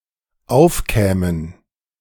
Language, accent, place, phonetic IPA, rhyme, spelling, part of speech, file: German, Germany, Berlin, [ˈaʊ̯fˌkɛːmən], -aʊ̯fkɛːmən, aufkämen, verb, De-aufkämen.ogg
- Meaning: first/third-person plural dependent subjunctive II of aufkommen